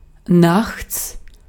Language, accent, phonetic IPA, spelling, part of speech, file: German, Austria, [naχts], nachts, adverb, De-at-nachts.ogg
- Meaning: at night, nights